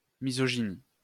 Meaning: misogyny
- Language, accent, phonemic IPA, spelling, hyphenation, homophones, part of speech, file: French, France, /mi.zɔ.ʒi.ni/, misogynie, mi‧so‧gy‧nie, misogynies, noun, LL-Q150 (fra)-misogynie.wav